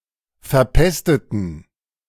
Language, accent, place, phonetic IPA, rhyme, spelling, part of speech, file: German, Germany, Berlin, [fɛɐ̯ˈpɛstətn̩], -ɛstətn̩, verpesteten, verb, De-verpesteten.ogg
- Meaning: inflection of verpestet: 1. strong genitive masculine/neuter singular 2. weak/mixed genitive/dative all-gender singular 3. strong/weak/mixed accusative masculine singular 4. strong dative plural